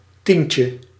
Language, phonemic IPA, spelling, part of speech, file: Dutch, /ˈtiɲcə/, tientje, noun, Nl-tientje.ogg
- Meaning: 1. diminutive of tien 2. a 10 guilder / euro banknote